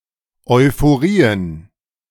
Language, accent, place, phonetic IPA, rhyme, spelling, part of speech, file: German, Germany, Berlin, [ɔɪ̯foˈʁiːən], -iːən, Euphorien, noun, De-Euphorien.ogg
- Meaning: plural of Euphorie